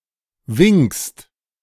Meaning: second-person singular present of winken
- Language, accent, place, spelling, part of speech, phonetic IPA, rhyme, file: German, Germany, Berlin, winkst, verb, [vɪŋkst], -ɪŋkst, De-winkst.ogg